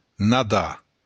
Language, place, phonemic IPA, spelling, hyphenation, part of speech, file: Occitan, Béarn, /naˈdaɾ/, nadar, na‧dar, verb, LL-Q14185 (oci)-nadar.wav
- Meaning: to swim (move through water)